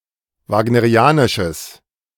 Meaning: strong/mixed nominative/accusative neuter singular of wagnerianisch
- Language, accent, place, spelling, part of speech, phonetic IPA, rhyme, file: German, Germany, Berlin, wagnerianisches, adjective, [ˌvaːɡnəʁiˈaːnɪʃəs], -aːnɪʃəs, De-wagnerianisches.ogg